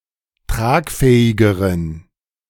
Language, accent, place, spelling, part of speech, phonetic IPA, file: German, Germany, Berlin, tragfähigeren, adjective, [ˈtʁaːkˌfɛːɪɡəʁən], De-tragfähigeren.ogg
- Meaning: inflection of tragfähig: 1. strong genitive masculine/neuter singular comparative degree 2. weak/mixed genitive/dative all-gender singular comparative degree